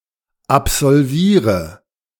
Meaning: inflection of absolvieren: 1. first-person singular present 2. first/third-person singular subjunctive I 3. singular imperative
- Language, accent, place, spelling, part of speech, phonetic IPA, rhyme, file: German, Germany, Berlin, absolviere, verb, [apzɔlˈviːʁə], -iːʁə, De-absolviere.ogg